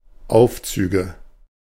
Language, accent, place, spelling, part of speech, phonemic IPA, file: German, Germany, Berlin, Aufzüge, noun, /ˈʔaʊ̯fˌtsyːɡə/, De-Aufzüge.ogg
- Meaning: nominative/accusative/genitive plural of Aufzug